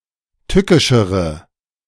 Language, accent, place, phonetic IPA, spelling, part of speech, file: German, Germany, Berlin, [ˈtʏkɪʃəʁə], tückischere, adjective, De-tückischere.ogg
- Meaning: inflection of tückisch: 1. strong/mixed nominative/accusative feminine singular comparative degree 2. strong nominative/accusative plural comparative degree